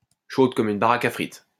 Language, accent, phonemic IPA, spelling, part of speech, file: French, France, /ʃod kɔm yn ba.ʁak a fʁit/, chaude comme une baraque à frites, adjective, LL-Q150 (fra)-chaude comme une baraque à frites.wav
- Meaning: feminine singular of chaud comme une baraque à frites